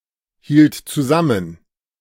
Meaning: first/third-person singular preterite of zusammenhalten
- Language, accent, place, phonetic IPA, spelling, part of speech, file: German, Germany, Berlin, [ˌhiːlt t͡suˈzamən], hielt zusammen, verb, De-hielt zusammen.ogg